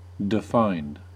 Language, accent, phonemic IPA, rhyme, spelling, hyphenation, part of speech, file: English, US, /dɪˈfaɪnd/, -aɪnd, defined, de‧fined, adjective / verb, En-us-defined.ogg
- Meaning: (adjective) 1. Having a definition or value 2. Having extreme muscle separation as a result of low body fat; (verb) simple past and past participle of define